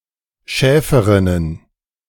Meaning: plural of Schäferin
- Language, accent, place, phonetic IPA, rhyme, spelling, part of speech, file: German, Germany, Berlin, [ˈʃɛːfəʁɪnən], -ɛːfəʁɪnən, Schäferinnen, noun, De-Schäferinnen.ogg